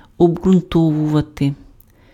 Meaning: to substantiate, to justify (supply evidence or reasoning in support of a proposition)
- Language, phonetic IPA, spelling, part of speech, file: Ukrainian, [ɔbɡrʊnˈtɔwʊʋɐte], обґрунтовувати, verb, Uk-обґрунтовувати.ogg